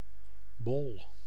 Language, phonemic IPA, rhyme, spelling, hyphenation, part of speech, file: Dutch, /bɔl/, -ɔl, bol, bol, noun / adjective, Nl-bol.ogg
- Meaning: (noun) 1. a sphere; a ball, globe or bulb 2. a head; one's brains 3. a scoop (of ice etc.) 4. a large, round spot, a dot 5. a roundel 6. a bun, a roll, a round piece of bread or pastry